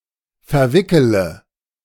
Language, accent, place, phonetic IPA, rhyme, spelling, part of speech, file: German, Germany, Berlin, [fɛɐ̯ˈvɪkələ], -ɪkələ, verwickele, verb, De-verwickele.ogg
- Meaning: inflection of verwickeln: 1. first-person singular present 2. first-person plural subjunctive I 3. third-person singular subjunctive I 4. singular imperative